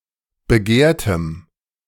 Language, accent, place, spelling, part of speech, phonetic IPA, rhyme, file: German, Germany, Berlin, begehrtem, adjective, [bəˈɡeːɐ̯təm], -eːɐ̯təm, De-begehrtem.ogg
- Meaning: strong dative masculine/neuter singular of begehrt